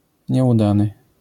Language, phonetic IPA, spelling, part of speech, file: Polish, [ɲɛuˈdanɨ], nieudany, adjective, LL-Q809 (pol)-nieudany.wav